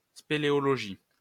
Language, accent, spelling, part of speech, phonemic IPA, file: French, France, spéléologie, noun, /spe.le.ɔ.lɔ.ʒi/, LL-Q150 (fra)-spéléologie.wav
- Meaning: caving, potholing, spelunking, speleology